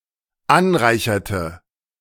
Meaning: inflection of anreichern: 1. first/third-person singular dependent preterite 2. first/third-person singular dependent subjunctive II
- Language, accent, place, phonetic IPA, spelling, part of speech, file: German, Germany, Berlin, [ˈanˌʁaɪ̯çɐtə], anreicherte, verb, De-anreicherte.ogg